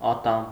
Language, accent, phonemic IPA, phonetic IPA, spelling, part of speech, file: Armenian, Eastern Armenian, /ɑˈtɑm/, [ɑtɑ́m], ատամ, noun, Hy-ատամ.oga
- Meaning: 1. tooth 2. cog 3. prong 4. merlon